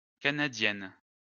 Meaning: feminine plural of canadien
- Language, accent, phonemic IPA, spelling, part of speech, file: French, France, /ka.na.djɛn/, canadiennes, adjective, LL-Q150 (fra)-canadiennes.wav